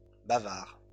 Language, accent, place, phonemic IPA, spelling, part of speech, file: French, France, Lyon, /ba.vaʁ/, bavards, noun, LL-Q150 (fra)-bavards.wav
- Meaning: plural of bavard